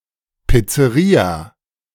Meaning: pizzeria
- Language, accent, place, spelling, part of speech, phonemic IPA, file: German, Germany, Berlin, Pizzeria, noun, /piːtseˈʁiːa/, De-Pizzeria.ogg